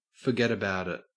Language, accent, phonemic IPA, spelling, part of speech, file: English, Australia, /fəˈɡɛdəˌbaʊ.dɪt/, foggetaboutit, interjection, En-au-foggetaboutit.ogg
- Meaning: Pronunciation spelling of forget about it